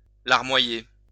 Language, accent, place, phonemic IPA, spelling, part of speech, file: French, France, Lyon, /laʁ.mwa.je/, larmoyer, verb, LL-Q150 (fra)-larmoyer.wav
- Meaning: 1. to weep, sob 2. to build up with tears; water up 3. to whine, whinge 4. to drip